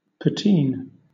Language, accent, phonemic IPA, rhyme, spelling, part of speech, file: English, Southern England, /pəˈtiːn/, -iːn, patine, noun / verb, LL-Q1860 (eng)-patine.wav
- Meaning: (noun) A plate; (verb) To coat an object with a patina, either from natural oxidation or simulated aging